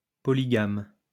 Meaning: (adjective) polygamous; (noun) polygamist
- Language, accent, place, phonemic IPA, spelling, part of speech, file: French, France, Lyon, /pɔ.li.ɡam/, polygame, adjective / noun, LL-Q150 (fra)-polygame.wav